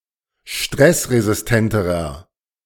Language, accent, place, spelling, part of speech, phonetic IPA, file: German, Germany, Berlin, stressresistenterer, adjective, [ˈʃtʁɛsʁezɪsˌtɛntəʁɐ], De-stressresistenterer.ogg
- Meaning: inflection of stressresistent: 1. strong/mixed nominative masculine singular comparative degree 2. strong genitive/dative feminine singular comparative degree